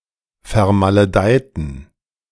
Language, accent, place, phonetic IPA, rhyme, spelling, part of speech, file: German, Germany, Berlin, [fɛɐ̯maləˈdaɪ̯tn̩], -aɪ̯tn̩, vermaledeiten, adjective / verb, De-vermaledeiten.ogg
- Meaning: inflection of vermaledeit: 1. strong genitive masculine/neuter singular 2. weak/mixed genitive/dative all-gender singular 3. strong/weak/mixed accusative masculine singular 4. strong dative plural